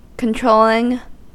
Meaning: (adjective) Exerting control over a person or thing; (verb) 1. present participle and gerund of control 2. present participle and gerund of controll; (noun) The act of exerting control
- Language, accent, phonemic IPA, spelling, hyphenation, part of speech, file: English, US, /kənˈtɹoʊlɪŋ/, controlling, con‧trol‧ling, adjective / verb / noun, En-us-controlling.ogg